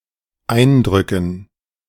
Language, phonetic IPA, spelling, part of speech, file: German, [ˈaɪ̯ndʁʏkŋ̩], Eindrücken, noun, De-Eindrücken.ogg